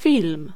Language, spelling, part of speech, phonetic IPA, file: Polish, film, noun, [fʲilm], Pl-film.ogg